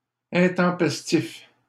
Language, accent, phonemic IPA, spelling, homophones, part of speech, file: French, Canada, /ɛ̃.tɑ̃.pɛs.tif/, intempestifs, intempestif, adjective, LL-Q150 (fra)-intempestifs.wav
- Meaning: masculine plural of intempestif